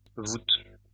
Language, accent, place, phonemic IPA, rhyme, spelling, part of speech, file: French, France, Lyon, /vut/, -ut, voute, noun, LL-Q150 (fra)-voute.wav
- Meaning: post-1990 spelling of voûte